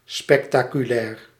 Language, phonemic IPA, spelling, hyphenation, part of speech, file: Dutch, /spɛkˈtaː.kyˌlɛr/, spectaculair, spec‧ta‧cu‧lair, adjective, Nl-spectaculair.ogg
- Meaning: spectacular